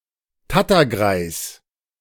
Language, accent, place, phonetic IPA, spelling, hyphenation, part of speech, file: German, Germany, Berlin, [ˈtatɐˌɡʁaɪ̯s], Tattergreis, Tat‧ter‧greis, noun, De-Tattergreis.ogg
- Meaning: dodderer